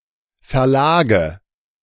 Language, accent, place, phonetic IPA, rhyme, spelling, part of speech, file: German, Germany, Berlin, [fɛɐ̯ˈlaːɡə], -aːɡə, Verlage, noun, De-Verlage.ogg
- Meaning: nominative/accusative/genitive plural of Verlag